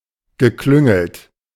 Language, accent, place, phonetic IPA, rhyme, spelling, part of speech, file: German, Germany, Berlin, [ɡəˈklʏŋl̩t], -ʏŋl̩t, geklüngelt, verb, De-geklüngelt.ogg
- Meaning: past participle of klüngeln